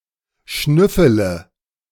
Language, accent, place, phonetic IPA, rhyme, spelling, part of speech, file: German, Germany, Berlin, [ˈʃnʏfələ], -ʏfələ, schnüffele, verb, De-schnüffele.ogg
- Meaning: inflection of schnüffeln: 1. first-person singular present 2. singular imperative 3. first/third-person singular subjunctive I